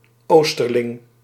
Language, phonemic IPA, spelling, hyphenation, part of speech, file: Dutch, /ˈostərlɪŋ/, oosterling, oos‧ter‧ling, noun, Nl-oosterling.ogg
- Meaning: easterner, someone living in, coming from or associated with the east of the world, a country etc